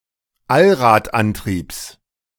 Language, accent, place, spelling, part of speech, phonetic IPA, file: German, Germany, Berlin, Allradantriebs, noun, [ˈalʁaːtˌʔantʁiːps], De-Allradantriebs.ogg
- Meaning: genitive of Allradantrieb